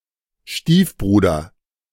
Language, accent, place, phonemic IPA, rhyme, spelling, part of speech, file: German, Germany, Berlin, /ˈʃtiːfˌbruːdɐ/, -uːdɐ, Stiefbruder, noun, De-Stiefbruder.ogg
- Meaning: stepbrother (son of one's stepfather or stepmother)